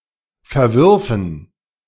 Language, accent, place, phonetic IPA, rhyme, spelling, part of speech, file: German, Germany, Berlin, [fɛɐ̯ˈvʏʁfn̩], -ʏʁfn̩, verwürfen, verb, De-verwürfen.ogg
- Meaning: first-person plural subjunctive II of verwerfen